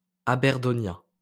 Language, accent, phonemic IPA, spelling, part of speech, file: French, France, /a.bɛʁ.dɔ.njɛ̃/, aberdonien, adjective, LL-Q150 (fra)-aberdonien.wav
- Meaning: Aberdonian